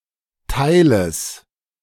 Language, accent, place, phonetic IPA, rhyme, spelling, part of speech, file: German, Germany, Berlin, [ˈtaɪ̯ləs], -aɪ̯ləs, Teiles, noun, De-Teiles.ogg
- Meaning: genitive singular of Teil